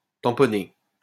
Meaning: 1. to tamp 2. to swab 3. to buffer
- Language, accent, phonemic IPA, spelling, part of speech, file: French, France, /tɑ̃.pɔ.ne/, tamponner, verb, LL-Q150 (fra)-tamponner.wav